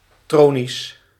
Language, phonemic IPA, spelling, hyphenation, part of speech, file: Dutch, /ˈtroː.nis/, tronies, tro‧nies, noun, Nl-tronies.ogg
- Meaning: plural of tronie